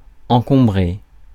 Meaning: 1. to block off, to clutter, to clutter up, to congest 2. to encumber, to burden 3. to jam (e.g. a switchboard)
- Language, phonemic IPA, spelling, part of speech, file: French, /ɑ̃.kɔ̃.bʁe/, encombrer, verb, Fr-encombrer.ogg